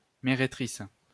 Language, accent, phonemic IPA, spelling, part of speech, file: French, France, /me.ʁe.tʁis/, mérétrice, noun, LL-Q150 (fra)-mérétrice.wav
- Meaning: prostitute